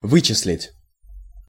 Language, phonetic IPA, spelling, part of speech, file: Russian, [ˈvɨt͡ɕɪs⁽ʲ⁾lʲɪtʲ], вычислить, verb, Ru-вычислить.ogg
- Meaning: 1. to compute 2. to calculate 3. to evaluate, to weigh 4. to deduce